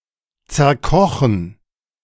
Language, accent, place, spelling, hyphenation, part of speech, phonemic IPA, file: German, Germany, Berlin, zerkochen, zer‧ko‧chen, verb, /t͡sɛɐ̯ˈkɔxn̩/, De-zerkochen.ogg
- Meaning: 1. to overcook 2. to disintegrate through cooking